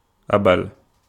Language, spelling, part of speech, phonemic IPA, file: Wolof, abal, verb, /ʔabal/, Wo-abal.ogg
- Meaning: to lend